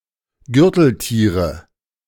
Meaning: nominative/accusative/genitive plural of Gürteltier
- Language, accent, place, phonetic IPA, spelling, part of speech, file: German, Germany, Berlin, [ˈɡʏʁtl̩ˌtiːʁə], Gürteltiere, noun, De-Gürteltiere.ogg